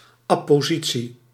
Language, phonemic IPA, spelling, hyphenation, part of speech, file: Dutch, /ˌɑ.poːˈzi.(t)si/, appositie, ap‧po‧si‧tie, noun, Nl-appositie.ogg
- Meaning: an apposition